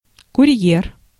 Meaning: courier (person who delivers messages)
- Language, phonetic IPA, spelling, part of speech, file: Russian, [kʊˈrʲjer], курьер, noun, Ru-курьер.ogg